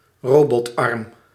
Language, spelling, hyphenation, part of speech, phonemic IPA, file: Dutch, robotarm, ro‧bot‧arm, noun, /ˈroː.bɔtˌɑrm/, Nl-robotarm.ogg
- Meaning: a robotic arm, e.g. on a manufacturing line